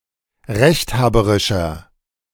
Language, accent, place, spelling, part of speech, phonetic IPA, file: German, Germany, Berlin, rechthaberischer, adjective, [ˈʁɛçtˌhaːbəʁɪʃɐ], De-rechthaberischer.ogg
- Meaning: 1. comparative degree of rechthaberisch 2. inflection of rechthaberisch: strong/mixed nominative masculine singular 3. inflection of rechthaberisch: strong genitive/dative feminine singular